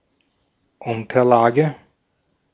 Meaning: something that is or lies underneath, at the base, specific uses include: 1. an underlay, a layer on which something else rests 2. a pad, mat, e.g. a blotter
- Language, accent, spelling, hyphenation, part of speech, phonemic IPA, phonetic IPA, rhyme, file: German, Austria, Unterlage, Un‧ter‧la‧ge, noun, /ˈʊntərˌlaːɡə/, [ˈʔʊn.tɐˌlaː.ɡə], -aːɡə, De-at-Unterlage.ogg